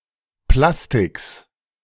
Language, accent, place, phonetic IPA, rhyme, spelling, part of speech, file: German, Germany, Berlin, [ˈplastɪks], -astɪks, Plastiks, noun, De-Plastiks.ogg
- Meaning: genitive singular of Plastik